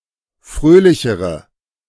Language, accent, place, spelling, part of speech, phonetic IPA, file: German, Germany, Berlin, fröhlichere, adjective, [ˈfʁøːlɪçəʁə], De-fröhlichere.ogg
- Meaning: inflection of fröhlich: 1. strong/mixed nominative/accusative feminine singular comparative degree 2. strong nominative/accusative plural comparative degree